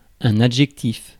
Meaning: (adjective) adjective
- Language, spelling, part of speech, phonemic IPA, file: French, adjectif, adjective / noun, /a.dʒɛk.tif/, Fr-adjectif.ogg